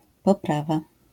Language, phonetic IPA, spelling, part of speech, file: Polish, [pɔˈprava], poprawa, noun, LL-Q809 (pol)-poprawa.wav